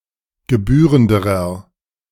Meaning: inflection of gebührend: 1. strong/mixed nominative masculine singular comparative degree 2. strong genitive/dative feminine singular comparative degree 3. strong genitive plural comparative degree
- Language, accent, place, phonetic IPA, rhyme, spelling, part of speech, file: German, Germany, Berlin, [ɡəˈbyːʁəndəʁɐ], -yːʁəndəʁɐ, gebührenderer, adjective, De-gebührenderer.ogg